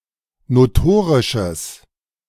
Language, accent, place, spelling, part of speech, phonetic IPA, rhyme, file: German, Germany, Berlin, notorisches, adjective, [noˈtoːʁɪʃəs], -oːʁɪʃəs, De-notorisches.ogg
- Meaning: strong/mixed nominative/accusative neuter singular of notorisch